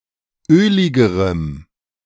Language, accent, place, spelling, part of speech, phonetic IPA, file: German, Germany, Berlin, öligerem, adjective, [ˈøːlɪɡəʁəm], De-öligerem.ogg
- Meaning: strong dative masculine/neuter singular comparative degree of ölig